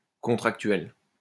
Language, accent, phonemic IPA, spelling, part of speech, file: French, France, /kɔ̃.tʁak.tɥɛl/, contractuel, adjective, LL-Q150 (fra)-contractuel.wav
- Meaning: contractual